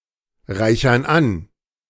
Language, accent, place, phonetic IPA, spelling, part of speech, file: German, Germany, Berlin, [ˌʁaɪ̯çɐn ˈan], reichern an, verb, De-reichern an.ogg
- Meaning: inflection of anreichern: 1. first/third-person plural present 2. first/third-person plural subjunctive I